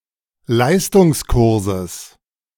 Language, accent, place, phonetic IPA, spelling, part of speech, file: German, Germany, Berlin, [ˈlaɪ̯stʊŋsˌkʊʁzəs], Leistungskurses, noun, De-Leistungskurses.ogg
- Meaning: genitive of Leistungskurs